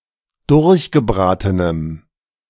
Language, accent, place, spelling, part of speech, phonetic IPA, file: German, Germany, Berlin, durchgebratenem, adjective, [ˈdʊʁçɡəˌbʁaːtənəm], De-durchgebratenem.ogg
- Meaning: strong dative masculine/neuter singular of durchgebraten